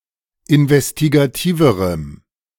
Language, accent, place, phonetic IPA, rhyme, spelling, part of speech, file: German, Germany, Berlin, [ɪnvɛstiɡaˈtiːvəʁəm], -iːvəʁəm, investigativerem, adjective, De-investigativerem.ogg
- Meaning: strong dative masculine/neuter singular comparative degree of investigativ